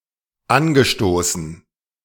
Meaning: past participle of anstoßen
- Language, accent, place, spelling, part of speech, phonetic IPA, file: German, Germany, Berlin, angestoßen, verb, [ˈanɡəˌʃtoːsn̩], De-angestoßen.ogg